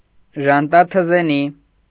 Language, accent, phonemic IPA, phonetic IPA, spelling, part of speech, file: Armenian, Eastern Armenian, /ʒɑntɑtʰəzeˈni/, [ʒɑntɑtʰəzení], ժանտաթզենի, noun, Hy-ժանտաթզենի.ogg
- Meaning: sycomore fig, sycamore, mulberry fig, pharaoh's fig, Ficus sycomorus